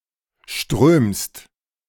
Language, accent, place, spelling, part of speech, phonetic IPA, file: German, Germany, Berlin, strömst, verb, [ʃtʁøːmst], De-strömst.ogg
- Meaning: second-person singular present of strömen